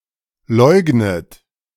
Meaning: inflection of leugnen: 1. third-person singular present 2. second-person plural present 3. second-person plural subjunctive I 4. plural imperative
- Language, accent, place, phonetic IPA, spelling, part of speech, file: German, Germany, Berlin, [ˈlɔɪ̯ɡnət], leugnet, verb, De-leugnet.ogg